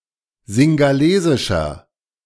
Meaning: inflection of singhalesisch: 1. strong/mixed nominative masculine singular 2. strong genitive/dative feminine singular 3. strong genitive plural
- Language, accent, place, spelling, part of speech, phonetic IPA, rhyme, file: German, Germany, Berlin, singhalesischer, adjective, [zɪŋɡaˈleːzɪʃɐ], -eːzɪʃɐ, De-singhalesischer.ogg